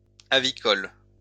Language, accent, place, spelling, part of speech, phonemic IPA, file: French, France, Lyon, avicole, adjective, /a.vi.kɔl/, LL-Q150 (fra)-avicole.wav
- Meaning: avicultural